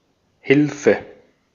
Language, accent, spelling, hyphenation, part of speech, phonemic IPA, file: German, Austria, Hilfe, Hil‧fe, noun, /ˈhɪlfə/, De-at-Hilfe.ogg
- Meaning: help, aid: 1. the act of helping, assistance 2. a thing or person that helps